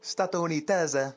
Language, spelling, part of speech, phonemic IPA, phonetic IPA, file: Interlingua, statounitese, adjective / noun, /stato.uniˈtese/, [stato.uniˈteze], Ia-statounitese.ogg
- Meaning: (adjective) American, US-American, United Statesian